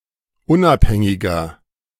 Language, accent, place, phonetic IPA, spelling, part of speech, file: German, Germany, Berlin, [ˈʊnʔapˌhɛŋɪɡɐ], unabhängiger, adjective, De-unabhängiger.ogg
- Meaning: 1. comparative degree of unabhängig 2. inflection of unabhängig: strong/mixed nominative masculine singular 3. inflection of unabhängig: strong genitive/dative feminine singular